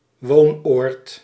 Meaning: a residence, a place where one lives
- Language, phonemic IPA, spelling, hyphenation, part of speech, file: Dutch, /ˈʋoːn.oːrt/, woonoord, woon‧oord, noun, Nl-woonoord.ogg